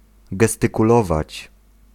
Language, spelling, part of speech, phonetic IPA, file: Polish, gestykulować, verb, [ˌɡɛstɨkuˈlɔvat͡ɕ], Pl-gestykulować.ogg